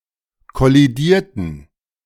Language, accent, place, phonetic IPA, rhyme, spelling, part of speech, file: German, Germany, Berlin, [kɔliˈdiːɐ̯tn̩], -iːɐ̯tn̩, kollidierten, adjective / verb, De-kollidierten.ogg
- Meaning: inflection of kollidieren: 1. first/third-person plural preterite 2. first/third-person plural subjunctive II